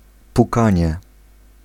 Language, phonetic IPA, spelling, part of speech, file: Polish, [puˈkãɲɛ], pukanie, noun, Pl-pukanie.ogg